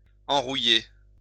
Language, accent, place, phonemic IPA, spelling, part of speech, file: French, France, Lyon, /ɑ̃.ʁu.je/, enrouiller, verb, LL-Q150 (fra)-enrouiller.wav
- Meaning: to rust, rust up